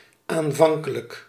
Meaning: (adverb) initially, at first; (adjective) initial
- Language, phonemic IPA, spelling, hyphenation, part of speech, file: Dutch, /ˌaːnˈvɑŋ.kə.lək/, aanvankelijk, aan‧van‧ke‧lijk, adverb / adjective, Nl-aanvankelijk.ogg